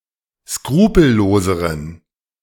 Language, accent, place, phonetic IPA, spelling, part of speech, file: German, Germany, Berlin, [ˈskʁuːpl̩ˌloːzəʁən], skrupelloseren, adjective, De-skrupelloseren.ogg
- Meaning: inflection of skrupellos: 1. strong genitive masculine/neuter singular comparative degree 2. weak/mixed genitive/dative all-gender singular comparative degree